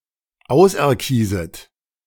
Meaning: second-person plural subjunctive I of auserkiesen
- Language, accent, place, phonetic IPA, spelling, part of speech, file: German, Germany, Berlin, [ˈaʊ̯sʔɛɐ̯ˌkiːzət], auserkieset, verb, De-auserkieset.ogg